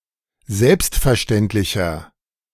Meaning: 1. comparative degree of selbstverständlich 2. inflection of selbstverständlich: strong/mixed nominative masculine singular
- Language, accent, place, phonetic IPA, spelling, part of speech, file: German, Germany, Berlin, [ˈzɛlpstfɛɐ̯ˌʃtɛntlɪçɐ], selbstverständlicher, adjective, De-selbstverständlicher.ogg